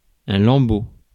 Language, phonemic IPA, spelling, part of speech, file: French, /lɑ̃.bo/, lambeau, noun, Fr-lambeau.ogg
- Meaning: scrap, strip, shred (of cloth; flesh)